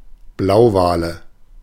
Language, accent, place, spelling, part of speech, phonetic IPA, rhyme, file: German, Germany, Berlin, Blauwale, noun, [ˈblaʊ̯ˌvaːlə], -aʊ̯vaːlə, De-Blauwale.ogg
- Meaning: nominative/accusative/genitive plural of Blauwal